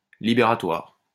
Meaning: liberatory, liberating, discharging (that discharges of a debt or obligation)
- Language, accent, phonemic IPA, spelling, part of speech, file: French, France, /li.be.ʁa.twaʁ/, libératoire, adjective, LL-Q150 (fra)-libératoire.wav